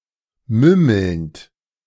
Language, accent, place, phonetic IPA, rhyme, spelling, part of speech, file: German, Germany, Berlin, [ˈmʏml̩nt], -ʏml̩nt, mümmelnd, verb, De-mümmelnd.ogg
- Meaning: present participle of mümmeln